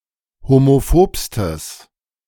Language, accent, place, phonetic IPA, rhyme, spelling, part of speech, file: German, Germany, Berlin, [homoˈfoːpstəs], -oːpstəs, homophobstes, adjective, De-homophobstes.ogg
- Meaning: strong/mixed nominative/accusative neuter singular superlative degree of homophob